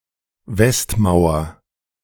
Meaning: west wall
- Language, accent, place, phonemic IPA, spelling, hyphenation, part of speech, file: German, Germany, Berlin, /ˈvɛstˌmaʊ̯ɐ/, Westmauer, West‧mau‧er, noun, De-Westmauer.ogg